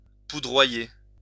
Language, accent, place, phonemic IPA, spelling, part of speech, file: French, France, Lyon, /pu.dʁwa.je/, poudroyer, verb, LL-Q150 (fra)-poudroyer.wav
- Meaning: to rise in clouds